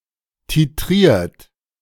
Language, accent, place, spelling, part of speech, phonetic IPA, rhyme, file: German, Germany, Berlin, titriert, verb, [tiˈtʁiːɐ̯t], -iːɐ̯t, De-titriert.ogg
- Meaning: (verb) past participle of titrieren; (adjective) titrated